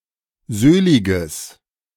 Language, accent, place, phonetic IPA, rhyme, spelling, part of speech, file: German, Germany, Berlin, [ˈzøːlɪɡəs], -øːlɪɡəs, söhliges, adjective, De-söhliges.ogg
- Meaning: strong/mixed nominative/accusative neuter singular of söhlig